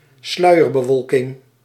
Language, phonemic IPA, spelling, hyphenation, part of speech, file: Dutch, /ˈslœy̯.ər.bəˌʋɔl.kɪŋ/, sluierbewolking, slui‧er‧be‧wol‧king, noun, Nl-sluierbewolking.ogg
- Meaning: a cloud cover consisting of thin, low-hanging clouds